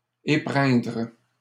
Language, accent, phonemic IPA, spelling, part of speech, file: French, Canada, /e.pʁɛ̃dʁ/, épreindre, verb, LL-Q150 (fra)-épreindre.wav
- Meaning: to squeeze out, draw out by pressing, to extract